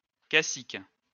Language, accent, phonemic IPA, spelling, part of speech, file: French, France, /ka.sik/, cacique, noun, LL-Q150 (fra)-cacique.wav
- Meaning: 1. chieftain (Indian chief in a tribe) 2. a very powerful person